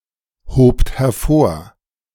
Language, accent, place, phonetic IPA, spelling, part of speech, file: German, Germany, Berlin, [ˌhoːpt hɛɐ̯ˈfoːɐ̯], hobt hervor, verb, De-hobt hervor.ogg
- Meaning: second-person plural preterite of hervorheben